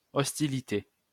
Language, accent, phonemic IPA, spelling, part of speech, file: French, France, /ɔs.ti.li.te/, hostilité, noun, LL-Q150 (fra)-hostilité.wav
- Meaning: hostility